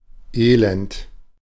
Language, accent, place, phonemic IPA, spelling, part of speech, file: German, Germany, Berlin, /ˈeːlɛnt/, Elend, noun, De-Elend.ogg
- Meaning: misery